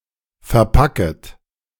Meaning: second-person plural subjunctive I of verpacken
- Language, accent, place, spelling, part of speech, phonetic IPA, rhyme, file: German, Germany, Berlin, verpacket, verb, [fɛɐ̯ˈpakət], -akət, De-verpacket.ogg